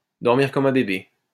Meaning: to sleep like a baby
- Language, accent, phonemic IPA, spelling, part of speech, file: French, France, /dɔʁ.miʁ kɔm œ̃ be.be/, dormir comme un bébé, verb, LL-Q150 (fra)-dormir comme un bébé.wav